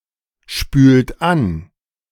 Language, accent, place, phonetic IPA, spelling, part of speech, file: German, Germany, Berlin, [ˌʃpyːlt ˈan], spült an, verb, De-spült an.ogg
- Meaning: inflection of anspülen: 1. second-person plural present 2. third-person singular present 3. plural imperative